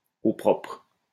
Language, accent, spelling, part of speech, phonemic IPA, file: French, France, au propre, prepositional phrase, /o pʁɔpʁ/, LL-Q150 (fra)-au propre.wav
- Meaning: 1. in neat 2. ellipsis of au sens propre: literally, in the literal sense